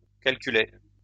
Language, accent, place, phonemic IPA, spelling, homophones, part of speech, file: French, France, Lyon, /kal.ky.le/, calculai, calculé / calculée / calculées / calculer / calculés / calculez, verb, LL-Q150 (fra)-calculai.wav
- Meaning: first-person singular past historic of calculer